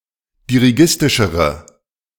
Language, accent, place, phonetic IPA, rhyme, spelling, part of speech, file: German, Germany, Berlin, [diʁiˈɡɪstɪʃəʁə], -ɪstɪʃəʁə, dirigistischere, adjective, De-dirigistischere.ogg
- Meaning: inflection of dirigistisch: 1. strong/mixed nominative/accusative feminine singular comparative degree 2. strong nominative/accusative plural comparative degree